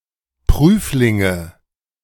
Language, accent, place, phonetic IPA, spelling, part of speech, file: German, Germany, Berlin, [ˈpʁyːflɪŋə], Prüflinge, noun, De-Prüflinge.ogg
- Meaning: nominative/accusative/genitive plural of Prüfling